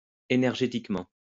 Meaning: energetically
- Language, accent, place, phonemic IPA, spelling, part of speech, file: French, France, Lyon, /e.nɛʁ.ʒe.tik.mɑ̃/, énergétiquement, adverb, LL-Q150 (fra)-énergétiquement.wav